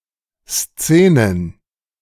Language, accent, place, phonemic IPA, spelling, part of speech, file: German, Germany, Berlin, /ˈst͡seːnən/, Szenen, noun, De-Szenen.ogg
- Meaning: plural of Szene